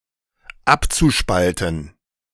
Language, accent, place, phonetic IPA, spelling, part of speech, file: German, Germany, Berlin, [ˈapt͡suˌʃpaltn̩], abzuspalten, verb, De-abzuspalten.ogg
- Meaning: zu-infinitive of abspalten